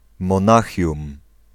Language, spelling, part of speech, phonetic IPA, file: Polish, Monachium, proper noun, [mɔ̃ˈnaxʲjũm], Pl-Monachium.ogg